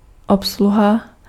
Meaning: 1. service 2. operation, operating (of a machine) 3. staff, crew
- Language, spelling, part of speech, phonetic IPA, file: Czech, obsluha, noun, [ˈopsluɦa], Cs-obsluha.ogg